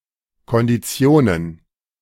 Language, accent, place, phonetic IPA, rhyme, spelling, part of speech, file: German, Germany, Berlin, [kɔndiˈt͡si̯oːnən], -oːnən, Konditionen, noun, De-Konditionen.ogg
- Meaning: plural of Kondition